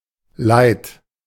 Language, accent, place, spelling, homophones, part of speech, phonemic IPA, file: German, Germany, Berlin, Leid, leid / leit, noun, /laɪ̯t/, De-Leid.ogg
- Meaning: 1. woe, grief, distress, sorrow, suffering, affliction 2. wrong, harm, injury